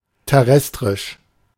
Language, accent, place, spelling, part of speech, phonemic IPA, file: German, Germany, Berlin, terrestrisch, adjective, /tɛˈʁɛstʁɪʃ/, De-terrestrisch.ogg
- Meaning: terrestrial